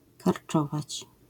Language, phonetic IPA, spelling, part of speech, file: Polish, [karˈt͡ʃɔvat͡ɕ], karczować, verb, LL-Q809 (pol)-karczować.wav